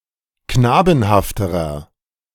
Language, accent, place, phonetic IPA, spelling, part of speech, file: German, Germany, Berlin, [ˈknaːbn̩haftəʁɐ], knabenhafterer, adjective, De-knabenhafterer.ogg
- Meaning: inflection of knabenhaft: 1. strong/mixed nominative masculine singular comparative degree 2. strong genitive/dative feminine singular comparative degree 3. strong genitive plural comparative degree